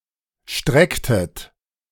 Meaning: inflection of strecken: 1. second-person plural preterite 2. second-person plural subjunctive II
- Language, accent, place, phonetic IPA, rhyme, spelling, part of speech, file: German, Germany, Berlin, [ˈʃtʁɛktət], -ɛktət, strecktet, verb, De-strecktet.ogg